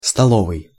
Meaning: 1. table 2. dinner
- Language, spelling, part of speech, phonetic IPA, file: Russian, столовый, adjective, [stɐˈɫovɨj], Ru-столовый.ogg